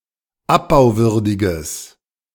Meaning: strong/mixed nominative/accusative neuter singular of abbauwürdig
- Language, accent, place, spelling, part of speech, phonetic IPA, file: German, Germany, Berlin, abbauwürdiges, adjective, [ˈapbaʊ̯ˌvʏʁdɪɡəs], De-abbauwürdiges.ogg